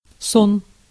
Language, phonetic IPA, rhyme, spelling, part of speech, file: Russian, [son], -on, сон, noun, Ru-сон.ogg
- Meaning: 1. sleep 2. dream (imaginary events seen in the mind while sleeping)